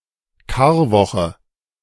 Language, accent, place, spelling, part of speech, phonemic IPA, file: German, Germany, Berlin, Karwoche, noun, /ˈkaːɐ̯ˌvɔxə/, De-Karwoche.ogg
- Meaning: Holy Week (week from Palm Sunday to Holy Saturday)